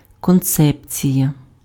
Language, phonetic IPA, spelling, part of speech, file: Ukrainian, [kɔnˈt͡sɛpt͡sʲijɐ], концепція, noun, Uk-концепція.ogg
- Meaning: concept, conception